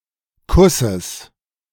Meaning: genitive singular of Kuss
- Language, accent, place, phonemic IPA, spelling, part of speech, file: German, Germany, Berlin, /ˈkʰusəs/, Kusses, noun, De-Kusses.ogg